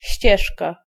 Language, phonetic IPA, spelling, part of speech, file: Polish, [ˈɕt͡ɕɛʃka], ścieżka, noun, Pl-ścieżka.ogg